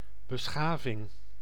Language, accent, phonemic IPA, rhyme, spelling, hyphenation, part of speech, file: Dutch, Netherlands, /bəˈsxaː.vɪŋ/, -aːvɪŋ, beschaving, be‧scha‧ving, noun, Nl-beschaving.ogg
- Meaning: 1. civilization (organised culture encompassing many communities) 2. civilization (society, as opposed to wild nature)